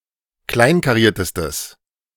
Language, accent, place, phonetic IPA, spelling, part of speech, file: German, Germany, Berlin, [ˈklaɪ̯nkaˌʁiːɐ̯təstəs], kleinkariertestes, adjective, De-kleinkariertestes.ogg
- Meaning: strong/mixed nominative/accusative neuter singular superlative degree of kleinkariert